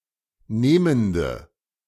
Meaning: inflection of nehmend: 1. strong/mixed nominative/accusative feminine singular 2. strong nominative/accusative plural 3. weak nominative all-gender singular 4. weak accusative feminine/neuter singular
- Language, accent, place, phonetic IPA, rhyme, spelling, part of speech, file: German, Germany, Berlin, [ˈneːməndə], -eːməndə, nehmende, adjective, De-nehmende.ogg